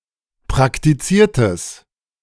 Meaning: strong/mixed nominative/accusative neuter singular of praktiziert
- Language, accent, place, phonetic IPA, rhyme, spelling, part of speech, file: German, Germany, Berlin, [pʁaktiˈt͡siːɐ̯təs], -iːɐ̯təs, praktiziertes, adjective, De-praktiziertes.ogg